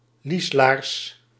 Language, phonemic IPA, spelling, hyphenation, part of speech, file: Dutch, /ˈlis.laːrs/, lieslaars, lies‧laars, noun, Nl-lieslaars.ogg
- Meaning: a hip boot